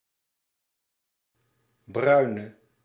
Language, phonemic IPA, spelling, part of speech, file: Dutch, /ˈbrœy̯.nə/, bruine, adjective, Nl-bruine.ogg
- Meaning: inflection of bruin: 1. masculine/feminine singular attributive 2. definite neuter singular attributive 3. plural attributive